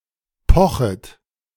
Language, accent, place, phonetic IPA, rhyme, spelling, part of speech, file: German, Germany, Berlin, [ˈpɔxət], -ɔxət, pochet, verb, De-pochet.ogg
- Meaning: second-person plural subjunctive I of pochen